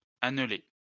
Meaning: to form into a ring
- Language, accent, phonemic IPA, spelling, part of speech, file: French, France, /an.le/, anneler, verb, LL-Q150 (fra)-anneler.wav